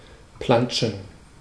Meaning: alternative form of planschen
- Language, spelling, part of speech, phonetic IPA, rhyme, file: German, plantschen, verb, [ˈplant͡ʃn̩], -ant͡ʃn̩, De-plantschen.ogg